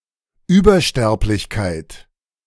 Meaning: excess mortality in comparison to a reference period or reference group
- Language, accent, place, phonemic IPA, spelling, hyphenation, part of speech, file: German, Germany, Berlin, /ˈyːbɐˌʃtɛʁplɪçkaɪ̯t/, Übersterblichkeit, Über‧sterb‧lich‧keit, noun, De-Übersterblichkeit.ogg